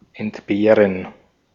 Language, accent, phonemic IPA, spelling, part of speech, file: German, Austria, /ɛntˈbeːʁən/, entbehren, verb, De-at-entbehren.ogg
- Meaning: 1. to do without, to dispense with 2. to be deprived of 3. to be without, to lack, to miss